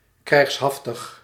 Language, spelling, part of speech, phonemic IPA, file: Dutch, krijgshaftig, adjective, /krɛi̯xsˈɦɑf.təx/, Nl-krijgshaftig.ogg
- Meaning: warlike, martial, combative